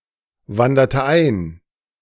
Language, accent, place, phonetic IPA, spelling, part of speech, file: German, Germany, Berlin, [ˌvandɐtə ˈaɪ̯n], wanderte ein, verb, De-wanderte ein.ogg
- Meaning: inflection of einwandern: 1. first/third-person singular preterite 2. first/third-person singular subjunctive II